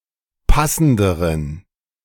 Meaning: inflection of passend: 1. strong genitive masculine/neuter singular comparative degree 2. weak/mixed genitive/dative all-gender singular comparative degree
- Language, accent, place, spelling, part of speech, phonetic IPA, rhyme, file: German, Germany, Berlin, passenderen, adjective, [ˈpasn̩dəʁən], -asn̩dəʁən, De-passenderen.ogg